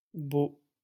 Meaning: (adjective) masculine plural of beau; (noun) plural of beau
- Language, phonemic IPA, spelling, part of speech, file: French, /bo/, beaux, adjective / noun, LL-Q150 (fra)-beaux.wav